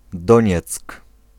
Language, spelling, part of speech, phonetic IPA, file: Polish, Donieck, proper noun, [ˈdɔ̃ɲɛt͡sk], Pl-Donieck.ogg